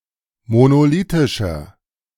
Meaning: inflection of monolithisch: 1. strong/mixed nominative masculine singular 2. strong genitive/dative feminine singular 3. strong genitive plural
- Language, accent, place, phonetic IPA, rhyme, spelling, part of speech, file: German, Germany, Berlin, [monoˈliːtɪʃɐ], -iːtɪʃɐ, monolithischer, adjective, De-monolithischer.ogg